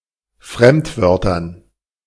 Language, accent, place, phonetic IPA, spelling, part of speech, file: German, Germany, Berlin, [ˈfʁɛmtˌvœʁtɐn], Fremdwörtern, noun, De-Fremdwörtern.ogg
- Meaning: dative plural of Fremdwort